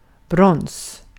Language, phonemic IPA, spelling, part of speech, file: Swedish, /brɔns/, brons, noun, Sv-brons.ogg
- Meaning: 1. bronze (alloy) 2. a bronze sculpture 3. a bronze medal